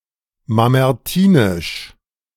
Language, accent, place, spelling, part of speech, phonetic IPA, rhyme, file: German, Germany, Berlin, mamertinisch, adjective, [mamɛʁˈtiːnɪʃ], -iːnɪʃ, De-mamertinisch.ogg
- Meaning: Mamertine